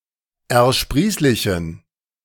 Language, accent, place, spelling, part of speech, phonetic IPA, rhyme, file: German, Germany, Berlin, ersprießlichen, adjective, [ɛɐ̯ˈʃpʁiːslɪçn̩], -iːslɪçn̩, De-ersprießlichen.ogg
- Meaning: inflection of ersprießlich: 1. strong genitive masculine/neuter singular 2. weak/mixed genitive/dative all-gender singular 3. strong/weak/mixed accusative masculine singular 4. strong dative plural